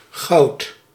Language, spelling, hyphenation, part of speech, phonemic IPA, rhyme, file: Dutch, goud, goud, noun, /ɣɑu̯t/, -ɑu̯t, Nl-goud.ogg
- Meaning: 1. gold 2. or, gold